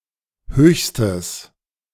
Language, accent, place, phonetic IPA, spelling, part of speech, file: German, Germany, Berlin, [ˈhøːçstəs], höchstes, adjective, De-höchstes.ogg
- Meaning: strong/mixed nominative/accusative neuter singular superlative degree of hoch